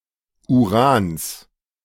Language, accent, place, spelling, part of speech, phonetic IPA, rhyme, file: German, Germany, Berlin, Urans, noun, [uˈʁaːns], -aːns, De-Urans.ogg
- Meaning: genitive singular of Uran